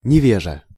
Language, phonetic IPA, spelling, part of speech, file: Russian, [nʲɪˈvʲeʐə], невежа, noun, Ru-невежа.ogg
- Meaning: boor, lout, ill-mannered person